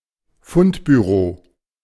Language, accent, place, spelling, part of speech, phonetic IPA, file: German, Germany, Berlin, Fundbüro, noun, [ˈfʊntbyˌʁoː], De-Fundbüro.ogg
- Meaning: lost and found, lost property, lost articles